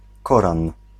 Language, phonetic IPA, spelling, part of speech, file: Polish, [ˈkɔrãn], Koran, proper noun, Pl-Koran.ogg